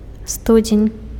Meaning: 1. January 2. well (of water) 3. aspic (dish)
- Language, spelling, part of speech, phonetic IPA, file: Belarusian, студзень, noun, [ˈstud͡zʲenʲ], Be-студзень.ogg